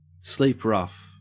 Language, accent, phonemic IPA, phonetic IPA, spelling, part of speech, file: English, Australia, /ˌsliːp ˈɹaf/, [ˌslɪip ˈɹaf], sleep rough, verb, En-au-sleep rough.ogg
- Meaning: Of a homeless person, to sleep outdoors, particularly as opposed to sleeping in a shelter or similar